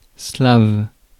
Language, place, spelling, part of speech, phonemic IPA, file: French, Paris, slave, adjective / noun, /slav/, Fr-slave.ogg
- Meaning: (adjective) Slav, Slavic; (noun) a Slavic language